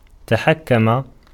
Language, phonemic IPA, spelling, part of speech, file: Arabic, /ta.ħak.ka.ma/, تحكم, verb, Ar-تحكم.ogg
- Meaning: 1. to have one's own way; to domineer 2. to control, be in command (في of) 3. to reign, govern